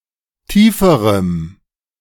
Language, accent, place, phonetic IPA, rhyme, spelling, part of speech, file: German, Germany, Berlin, [ˈtiːfəʁəm], -iːfəʁəm, tieferem, adjective, De-tieferem.ogg
- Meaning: strong dative masculine/neuter singular comparative degree of tief